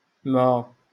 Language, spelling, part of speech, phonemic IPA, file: Moroccan Arabic, ما, noun / particle / pronoun, /maː/, LL-Q56426 (ary)-ما.wav
- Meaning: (noun) water; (particle) not; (pronoun) that which, what